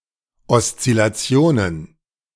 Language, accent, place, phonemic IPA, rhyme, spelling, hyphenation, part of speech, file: German, Germany, Berlin, /ɔst͡sɪlaˈt͡si̯oːnən/, -oːnən, Oszillationen, Os‧zil‧la‧ti‧o‧nen, noun, De-Oszillationen.ogg
- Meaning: plural of Oszillation